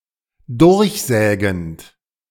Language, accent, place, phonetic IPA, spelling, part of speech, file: German, Germany, Berlin, [ˈdʊʁçˌzɛːɡn̩t], durchsägend, verb, De-durchsägend.ogg
- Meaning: present participle of durchsägen